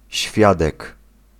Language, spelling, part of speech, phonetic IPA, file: Polish, świadek, noun, [ˈɕfʲjadɛk], Pl-świadek.ogg